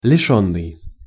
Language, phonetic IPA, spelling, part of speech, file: Russian, [lʲɪˈʂonːɨj], лишённый, verb / adjective, Ru-лишённый.ogg
- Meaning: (verb) past passive perfective participle of лиши́ть (lišítʹ); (adjective) devoid, lacking